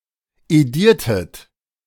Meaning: inflection of edieren: 1. second-person plural preterite 2. second-person plural subjunctive II
- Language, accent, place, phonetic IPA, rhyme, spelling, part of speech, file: German, Germany, Berlin, [eˈdiːɐ̯tət], -iːɐ̯tət, ediertet, verb, De-ediertet.ogg